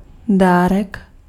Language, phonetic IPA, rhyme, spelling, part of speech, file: Czech, [ˈdaːrɛk], -aːrɛk, dárek, noun, Cs-dárek.ogg
- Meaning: 1. diminutive of dar 2. present, gift (especially for Christmas and birthday)